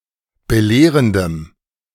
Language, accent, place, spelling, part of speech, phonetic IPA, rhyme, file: German, Germany, Berlin, belehrendem, adjective, [bəˈleːʁəndəm], -eːʁəndəm, De-belehrendem.ogg
- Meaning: strong dative masculine/neuter singular of belehrend